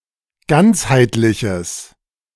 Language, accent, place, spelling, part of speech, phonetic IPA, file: German, Germany, Berlin, ganzheitliches, adjective, [ˈɡant͡shaɪ̯tlɪçəs], De-ganzheitliches.ogg
- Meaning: strong/mixed nominative/accusative neuter singular of ganzheitlich